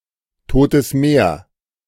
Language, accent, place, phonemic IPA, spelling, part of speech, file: German, Germany, Berlin, /ˌtoːtəs ˈmeːɐ̯/, Totes Meer, proper noun, De-Totes Meer.ogg
- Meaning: Dead Sea (a highly saline lake in Israel, Palestine and Jordan)